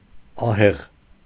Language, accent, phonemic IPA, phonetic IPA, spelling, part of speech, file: Armenian, Eastern Armenian, /ɑˈheʁ/, [ɑhéʁ], ահեղ, adjective / adverb, Hy-ահեղ.ogg
- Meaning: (adjective) 1. frightening, terrifying, formidable 2. strict, tough, severe 3. powerful, strong, mighty 4. elevated, towering 5. awe-inspiring, awesome; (adverb) 1. formidably, terribly 2. mightily